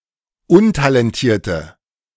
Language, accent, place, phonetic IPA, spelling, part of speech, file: German, Germany, Berlin, [ˈʊntalɛnˌtiːɐ̯tə], untalentierte, adjective, De-untalentierte.ogg
- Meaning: inflection of untalentiert: 1. strong/mixed nominative/accusative feminine singular 2. strong nominative/accusative plural 3. weak nominative all-gender singular